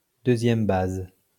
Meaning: alternative form of deuxième but
- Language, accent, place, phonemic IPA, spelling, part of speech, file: French, France, Lyon, /dø.zjɛm baz/, deuxième base, noun, LL-Q150 (fra)-deuxième base.wav